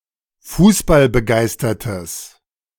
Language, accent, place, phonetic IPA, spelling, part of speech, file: German, Germany, Berlin, [ˈfuːsbalbəˌɡaɪ̯stɐtəs], fußballbegeistertes, adjective, De-fußballbegeistertes.ogg
- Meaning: strong/mixed nominative/accusative neuter singular of fußballbegeistert